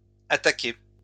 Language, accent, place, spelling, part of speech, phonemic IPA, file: French, France, Lyon, attaquez, verb, /a.ta.ke/, LL-Q150 (fra)-attaquez.wav
- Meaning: inflection of attaquer: 1. second-person plural present indicative 2. second-person plural imperative